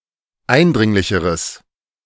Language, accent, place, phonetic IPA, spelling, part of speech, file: German, Germany, Berlin, [ˈaɪ̯nˌdʁɪŋlɪçəʁəs], eindringlicheres, adjective, De-eindringlicheres.ogg
- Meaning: strong/mixed nominative/accusative neuter singular comparative degree of eindringlich